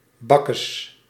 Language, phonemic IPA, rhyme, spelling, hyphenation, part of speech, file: Dutch, /ˈbɑ.kəs/, -ɑkəs, bakkes, bak‧kes, noun, Nl-bakkes.ogg
- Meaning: face